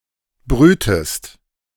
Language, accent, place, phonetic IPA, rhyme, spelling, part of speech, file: German, Germany, Berlin, [ˈbʁyːtəst], -yːtəst, brühtest, verb, De-brühtest.ogg
- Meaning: inflection of brühen: 1. second-person singular preterite 2. second-person singular subjunctive II